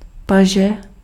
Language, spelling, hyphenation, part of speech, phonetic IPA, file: Czech, paže, pa‧že, noun, [ˈpaʒɛ], Cs-paže.ogg
- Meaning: arm (portion of the upper limb)